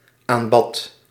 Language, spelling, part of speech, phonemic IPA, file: Dutch, aanbad, verb, /ˈambɑt/, Nl-aanbad.ogg
- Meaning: singular past indicative of aanbidden